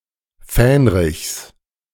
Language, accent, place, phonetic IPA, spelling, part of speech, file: German, Germany, Berlin, [ˈfɛːnʁɪçs], Fähnrichs, noun, De-Fähnrichs.ogg
- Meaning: genitive singular of Fähnrich